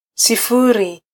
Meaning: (noun) zero, nought; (numeral) zero
- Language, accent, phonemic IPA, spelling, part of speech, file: Swahili, Kenya, /siˈfu.ɾi/, sifuri, noun / numeral, Sw-ke-sifuri.flac